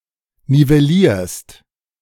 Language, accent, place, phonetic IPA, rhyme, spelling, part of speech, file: German, Germany, Berlin, [nivɛˈliːɐ̯st], -iːɐ̯st, nivellierst, verb, De-nivellierst.ogg
- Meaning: second-person singular present of nivellieren